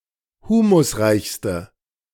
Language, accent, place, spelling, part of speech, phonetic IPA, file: German, Germany, Berlin, humusreichste, adjective, [ˈhuːmʊsˌʁaɪ̯çstə], De-humusreichste.ogg
- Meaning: inflection of humusreich: 1. strong/mixed nominative/accusative feminine singular superlative degree 2. strong nominative/accusative plural superlative degree